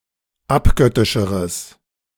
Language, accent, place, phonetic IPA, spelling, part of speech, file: German, Germany, Berlin, [ˈapˌɡœtɪʃəʁəs], abgöttischeres, adjective, De-abgöttischeres.ogg
- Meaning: strong/mixed nominative/accusative neuter singular comparative degree of abgöttisch